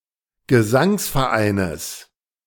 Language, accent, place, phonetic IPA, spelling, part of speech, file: German, Germany, Berlin, [ɡəˈzaŋsfɛɐ̯ˌʔaɪ̯nəs], Gesangsvereines, noun, De-Gesangsvereines.ogg
- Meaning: genitive singular of Gesangsverein